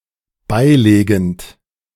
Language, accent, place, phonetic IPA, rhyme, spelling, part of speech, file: German, Germany, Berlin, [ˈbaɪ̯ˌleːɡn̩t], -aɪ̯leːɡn̩t, beilegend, verb, De-beilegend.ogg
- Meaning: present participle of beilegen